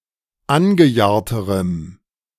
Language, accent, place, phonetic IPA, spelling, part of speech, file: German, Germany, Berlin, [ˈanɡəˌjaːɐ̯təʁəm], angejahrterem, adjective, De-angejahrterem.ogg
- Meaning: strong dative masculine/neuter singular comparative degree of angejahrt